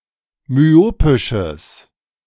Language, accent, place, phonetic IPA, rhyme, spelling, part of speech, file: German, Germany, Berlin, [myˈoːpɪʃəs], -oːpɪʃəs, myopisches, adjective, De-myopisches.ogg
- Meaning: strong/mixed nominative/accusative neuter singular of myopisch